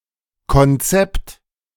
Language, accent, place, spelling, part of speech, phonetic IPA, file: German, Germany, Berlin, Konzept, noun, [kɔnˈtsɛpt], De-Konzept.ogg
- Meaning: 1. blueprint, draft 2. concept (something understood, and retained in the mind)